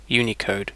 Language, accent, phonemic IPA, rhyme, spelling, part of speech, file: English, UK, /ˈjuːnɪˌkəʊd/, -əʊd, Unicode, proper noun / noun, En-uk-Unicode.ogg
- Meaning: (proper noun) A series of character encoding standards intended to support the characters used by a large number of the world’s languages